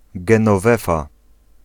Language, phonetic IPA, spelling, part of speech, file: Polish, [ˌɡɛ̃nɔˈvɛfa], Genowefa, proper noun, Pl-Genowefa.ogg